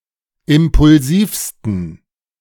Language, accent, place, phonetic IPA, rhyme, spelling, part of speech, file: German, Germany, Berlin, [ˌɪmpʊlˈziːfstn̩], -iːfstn̩, impulsivsten, adjective, De-impulsivsten.ogg
- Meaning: 1. superlative degree of impulsiv 2. inflection of impulsiv: strong genitive masculine/neuter singular superlative degree